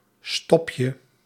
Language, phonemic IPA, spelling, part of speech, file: Dutch, /ˈstɔpjə/, stopje, noun, Nl-stopje.ogg
- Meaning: diminutive of stop